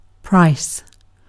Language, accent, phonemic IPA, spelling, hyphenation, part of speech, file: English, UK, /ˈpɹaɪ̯s/, price, price, noun / verb, En-uk-price.ogg
- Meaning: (noun) 1. The cost required to gain possession of something 2. The cost of an action or deed 3. Value; estimation; excellence; worth